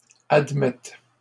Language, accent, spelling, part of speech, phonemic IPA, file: French, Canada, admettent, verb, /ad.mɛt/, LL-Q150 (fra)-admettent.wav
- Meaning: third-person plural present indicative/subjunctive of admettre